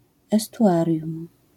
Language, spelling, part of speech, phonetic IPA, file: Polish, estuarium, noun, [ˌɛstuˈʷarʲjũm], LL-Q809 (pol)-estuarium.wav